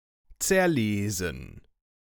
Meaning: to wear out a book
- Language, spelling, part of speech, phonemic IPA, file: German, zerlesen, verb, /t͜sɛɐ̯ˈleːzn̩/, De-zerlesen.ogg